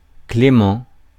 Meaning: 1. clement, mild 2. merciful, clement, lenient
- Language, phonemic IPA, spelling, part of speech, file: French, /kle.mɑ̃/, clément, adjective, Fr-clément.ogg